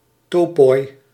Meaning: plural of topos
- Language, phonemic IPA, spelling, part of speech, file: Dutch, /ˈtoː.pɔɪ/, topoi, noun, Nl-topoi.ogg